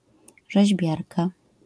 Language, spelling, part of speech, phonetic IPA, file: Polish, rzeźbiarka, noun, [ʒɛʑˈbʲjarka], LL-Q809 (pol)-rzeźbiarka.wav